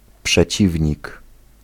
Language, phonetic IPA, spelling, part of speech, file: Polish, [pʃɛˈt͡ɕivʲɲik], przeciwnik, noun, Pl-przeciwnik.ogg